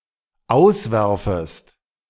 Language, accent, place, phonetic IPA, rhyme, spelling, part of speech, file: German, Germany, Berlin, [ˈaʊ̯sˌvɛʁfəst], -aʊ̯svɛʁfəst, auswerfest, verb, De-auswerfest.ogg
- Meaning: second-person singular dependent subjunctive I of auswerfen